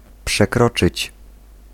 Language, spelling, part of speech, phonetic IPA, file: Polish, przekroczyć, verb, [pʃɛˈkrɔt͡ʃɨt͡ɕ], Pl-przekroczyć.ogg